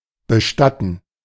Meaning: to bury
- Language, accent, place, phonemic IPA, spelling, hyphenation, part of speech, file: German, Germany, Berlin, /bəˈʃtatn̩/, bestatten, be‧stat‧ten, verb, De-bestatten.ogg